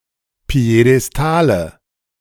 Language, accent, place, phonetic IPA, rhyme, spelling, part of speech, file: German, Germany, Berlin, [pi̯edɛsˈtaːlə], -aːlə, Piedestale, noun, De-Piedestale.ogg
- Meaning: nominative/accusative/genitive plural of Piedestal